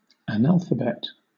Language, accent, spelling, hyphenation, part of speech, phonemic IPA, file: English, Southern England, analphabet, an‧al‧pha‧bet, noun / adjective, /əˈnælfəbɛt/, LL-Q1860 (eng)-analphabet.wav
- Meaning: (noun) A person who does not know the letters of the alphabet; a partly or wholly illiterate person; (adjective) Ignorant of the letters of the alphabet; partly or wholly illiterate